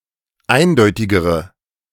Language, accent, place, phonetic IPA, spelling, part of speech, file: German, Germany, Berlin, [ˈaɪ̯nˌdɔɪ̯tɪɡəʁə], eindeutigere, adjective, De-eindeutigere.ogg
- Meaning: inflection of eindeutig: 1. strong/mixed nominative/accusative feminine singular comparative degree 2. strong nominative/accusative plural comparative degree